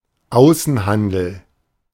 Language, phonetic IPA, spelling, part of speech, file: German, [ˈaʊ̯sn̩ˌhandl̩], Außenhandel, noun, De-Außenhandel.oga
- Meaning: foreign trade